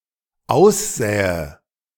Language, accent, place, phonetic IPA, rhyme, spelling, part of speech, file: German, Germany, Berlin, [ˈaʊ̯sˌzɛːə], -aʊ̯szɛːə, aussähe, verb, De-aussähe.ogg
- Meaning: first/third-person singular dependent subjunctive II of aussehen